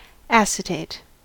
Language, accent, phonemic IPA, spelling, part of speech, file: English, US, /ˈæsɪteɪ̯t/, acetate, noun, En-us-acetate.ogg
- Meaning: 1. Any ester or salt of acetic acid 2. Cellulose acetate 3. A transparent sheet used for overlays, whether of cellulose acetate or (loosely) any macroscopically similar plastic